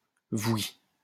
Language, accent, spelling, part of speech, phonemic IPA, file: French, France, voui, adverb, /vwi/, LL-Q150 (fra)-voui.wav
- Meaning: informal form of oui; yep